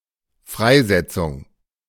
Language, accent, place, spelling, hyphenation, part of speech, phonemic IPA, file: German, Germany, Berlin, Freisetzung, Frei‧set‧zung, noun, /ˈfʁaɪ̯ˌzɛtsʊŋ/, De-Freisetzung.ogg
- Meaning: release, discharge